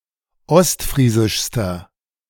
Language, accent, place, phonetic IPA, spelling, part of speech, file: German, Germany, Berlin, [ˈɔstˌfʁiːzɪʃstɐ], ostfriesischster, adjective, De-ostfriesischster.ogg
- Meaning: inflection of ostfriesisch: 1. strong/mixed nominative masculine singular superlative degree 2. strong genitive/dative feminine singular superlative degree 3. strong genitive plural superlative degree